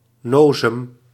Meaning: someone who belonged to a 1950s Dutch youth culture revolving around (light) motorcycles, similar to a greaser, raggare or Teddy boy
- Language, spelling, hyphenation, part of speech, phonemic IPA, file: Dutch, nozem, no‧zem, noun, /ˈnoː.zəm/, Nl-nozem.ogg